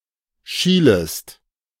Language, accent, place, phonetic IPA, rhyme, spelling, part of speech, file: German, Germany, Berlin, [ˈʃiːləst], -iːləst, schielest, verb, De-schielest.ogg
- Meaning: second-person singular subjunctive I of schielen